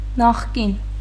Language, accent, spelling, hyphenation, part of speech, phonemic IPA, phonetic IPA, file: Armenian, Eastern Armenian, նախկին, նախ‧կին, adjective, /nɑχˈkin/, [nɑχkín], Hy-նախկին.ogg
- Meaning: former, ex-